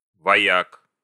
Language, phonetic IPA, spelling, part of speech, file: Russian, [vɐˈjak], вояк, noun, Ru-вояк.ogg
- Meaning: genitive/accusative plural of воя́ка (vojáka)